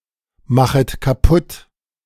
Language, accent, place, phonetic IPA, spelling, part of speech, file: German, Germany, Berlin, [ˌmaxət kaˈpʊt], machet kaputt, verb, De-machet kaputt.ogg
- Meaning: second-person plural subjunctive I of kaputtmachen